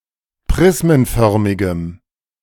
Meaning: strong dative masculine/neuter singular of prismenförmig
- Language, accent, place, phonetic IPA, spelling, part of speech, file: German, Germany, Berlin, [ˈpʁɪsmənˌfœʁmɪɡəm], prismenförmigem, adjective, De-prismenförmigem.ogg